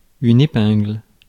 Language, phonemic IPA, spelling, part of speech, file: French, /e.pɛ̃ɡl/, épingle, noun, Fr-épingle.ogg
- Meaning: pin (small device, made of drawn-out steel wire with one end sharpened and the other flattened or rounded into a head, used for fastening)